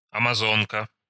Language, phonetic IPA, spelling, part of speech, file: Russian, [ɐmɐˈzonkə], амазонка, noun, Ru-амазонка.ogg
- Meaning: 1. Amazon 2. horsewoman 3. riding habit (dress)